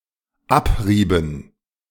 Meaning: second-person singular dependent subjunctive II of abreiben
- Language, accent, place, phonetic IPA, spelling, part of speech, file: German, Germany, Berlin, [ˈapˌʁiːbəst], abriebest, verb, De-abriebest.ogg